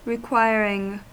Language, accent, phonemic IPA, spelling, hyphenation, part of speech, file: English, US, /ɹɪˈkwaɪɹ.ɪŋ/, requiring, re‧quir‧ing, verb / noun, En-us-requiring.ogg
- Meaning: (verb) present participle and gerund of require; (noun) A requirement